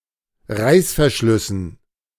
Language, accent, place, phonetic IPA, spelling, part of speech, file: German, Germany, Berlin, [ˈʁaɪ̯sfɛɐ̯ˌʃlʏsn̩], Reißverschlüssen, noun, De-Reißverschlüssen.ogg
- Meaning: dative plural of Reißverschluss